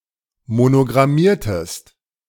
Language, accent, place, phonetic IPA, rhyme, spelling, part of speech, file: German, Germany, Berlin, [monoɡʁaˈmiːɐ̯təst], -iːɐ̯təst, monogrammiertest, verb, De-monogrammiertest.ogg
- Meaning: inflection of monogrammieren: 1. second-person singular preterite 2. second-person singular subjunctive II